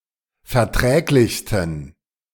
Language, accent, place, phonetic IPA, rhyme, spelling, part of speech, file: German, Germany, Berlin, [fɛɐ̯ˈtʁɛːklɪçstn̩], -ɛːklɪçstn̩, verträglichsten, adjective, De-verträglichsten.ogg
- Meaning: 1. superlative degree of verträglich 2. inflection of verträglich: strong genitive masculine/neuter singular superlative degree